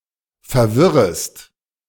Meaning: second-person singular subjunctive I of verwirren
- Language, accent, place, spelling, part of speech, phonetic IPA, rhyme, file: German, Germany, Berlin, verwirrest, verb, [fɛɐ̯ˈvɪʁəst], -ɪʁəst, De-verwirrest.ogg